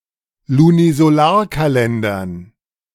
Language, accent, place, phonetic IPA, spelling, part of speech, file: German, Germany, Berlin, [lunizoˈlaːɐ̯kaˌlɛndɐn], Lunisolarkalendern, noun, De-Lunisolarkalendern.ogg
- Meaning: dative plural of Lunisolarkalender